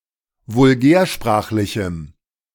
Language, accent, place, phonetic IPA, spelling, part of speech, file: German, Germany, Berlin, [vʊlˈɡɛːɐ̯ˌʃpʁaːxlɪçm̩], vulgärsprachlichem, adjective, De-vulgärsprachlichem.ogg
- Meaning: strong dative masculine/neuter singular of vulgärsprachlich